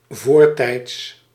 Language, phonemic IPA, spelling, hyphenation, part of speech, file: Dutch, /voːr.tɛi̯ts/, voortijds, voor‧tijds, adverb, Nl-voortijds.ogg
- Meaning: 1. before, earlier 2. ahead of time, too early